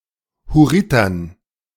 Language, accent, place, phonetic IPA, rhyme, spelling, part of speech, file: German, Germany, Berlin, [hʊˈʁɪtɐn], -ɪtɐn, Hurritern, noun, De-Hurritern.ogg
- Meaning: dative plural of Hurriter